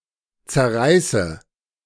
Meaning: inflection of zerreißen: 1. first-person singular present 2. first/third-person singular subjunctive I 3. singular imperative
- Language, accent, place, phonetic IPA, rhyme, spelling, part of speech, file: German, Germany, Berlin, [t͡sɛɐ̯ˈʁaɪ̯sə], -aɪ̯sə, zerreiße, verb, De-zerreiße.ogg